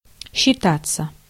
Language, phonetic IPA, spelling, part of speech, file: Russian, [ɕːɪˈtat͡sːə], считаться, verb, Ru-считаться.ogg
- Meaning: 1. to settle accounts (with), to consider, to take into consideration, to reckon (with) 2. to be considered / reputed (someone), to be, to pass (for) 3. passive of счита́ть (sčitátʹ)